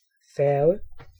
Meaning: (noun) ferry; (verb) to ferry, transport something by ferry
- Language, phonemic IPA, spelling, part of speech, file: Danish, /fɛrɣə/, færge, noun / verb, Da-færge.ogg